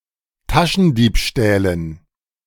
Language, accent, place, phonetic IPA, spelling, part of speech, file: German, Germany, Berlin, [ˈtaʃn̩ˌdiːpʃtɛːlən], Taschendiebstählen, noun, De-Taschendiebstählen.ogg
- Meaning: dative plural of Taschendiebstahl